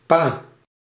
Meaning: pa, dad
- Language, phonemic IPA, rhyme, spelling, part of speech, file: Dutch, /paː/, -aː, pa, noun, Nl-pa.ogg